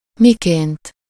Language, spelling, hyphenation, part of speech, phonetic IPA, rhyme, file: Hungarian, miként, mi‧ként, pronoun / adverb / noun, [ˈmikeːnt], -eːnt, Hu-miként.ogg
- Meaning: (pronoun) essive-formal singular of mi; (adverb) 1. synonym of hogy(an) (“how?, in what way?”) 2. synonym of ahogy(an) (“as, the way, like”); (noun) method, manner